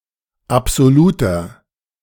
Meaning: inflection of absolut: 1. strong/mixed nominative masculine singular 2. strong genitive/dative feminine singular 3. strong genitive plural
- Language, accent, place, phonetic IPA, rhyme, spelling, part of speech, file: German, Germany, Berlin, [apz̥oˈluːtɐ], -uːtɐ, absoluter, adjective, De-absoluter.ogg